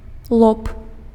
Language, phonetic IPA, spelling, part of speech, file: Belarusian, [ɫop], лоб, noun, Be-лоб.ogg
- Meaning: forehead